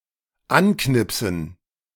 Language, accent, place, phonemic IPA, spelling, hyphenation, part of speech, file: German, Germany, Berlin, /ˈanˌknɪpsn̩/, anknipsen, an‧knip‧sen, verb, De-anknipsen.ogg
- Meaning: to switch on